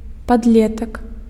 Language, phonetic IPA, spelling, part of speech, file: Belarusian, [padˈlʲetak], падлетак, noun, Be-падлетак.ogg
- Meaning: adolescent